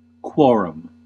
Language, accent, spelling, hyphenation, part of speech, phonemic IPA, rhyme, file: English, US, quorum, quo‧rum, noun, /ˈkwɔːɹəm/, -ɔːɹəm, En-us-quorum.ogg
- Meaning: A select body of (usually eminent) justices of the peace, every member of which had to be present to constitute a deciding body; a member of this body. Later more generally: all justices collectively